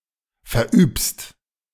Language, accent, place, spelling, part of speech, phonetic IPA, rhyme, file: German, Germany, Berlin, verübst, verb, [fɛɐ̯ˈʔyːpst], -yːpst, De-verübst.ogg
- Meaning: second-person singular present of verüben